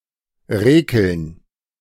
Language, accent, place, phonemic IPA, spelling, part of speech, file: German, Germany, Berlin, /ˈʁeːkəln/, rekeln, verb, De-rekeln.ogg
- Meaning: alternative form of räkeln